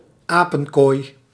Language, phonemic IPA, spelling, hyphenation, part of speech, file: Dutch, /ˈaː.pə(n)ˌkoːi̯/, apenkooi, apen‧kooi, noun / verb, Nl-apenkooi.ogg
- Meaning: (noun) a place where apes and/or monkeys are kept, an apery